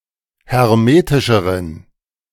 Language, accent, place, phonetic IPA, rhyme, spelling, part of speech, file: German, Germany, Berlin, [hɛʁˈmeːtɪʃəʁən], -eːtɪʃəʁən, hermetischeren, adjective, De-hermetischeren.ogg
- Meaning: inflection of hermetisch: 1. strong genitive masculine/neuter singular comparative degree 2. weak/mixed genitive/dative all-gender singular comparative degree